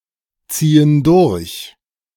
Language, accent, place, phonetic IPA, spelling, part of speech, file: German, Germany, Berlin, [ˌt͡siːən ˈdʊʁç], ziehen durch, verb, De-ziehen durch.ogg
- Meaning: inflection of durchziehen: 1. first/third-person plural present 2. first/third-person plural subjunctive I